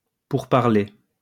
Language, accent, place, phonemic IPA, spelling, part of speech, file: French, France, Lyon, /puʁ.paʁ.le/, pourparlers, noun, LL-Q150 (fra)-pourparlers.wav
- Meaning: parley, talks (conference to arrive at a certain agreement)